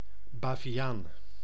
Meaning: 1. baboon, monkey of the genus Papio 2. Arminian, Remonstrant
- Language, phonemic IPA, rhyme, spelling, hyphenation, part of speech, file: Dutch, /ˌbaː.viˈaːn/, -aːn, baviaan, ba‧vi‧aan, noun, Nl-baviaan.ogg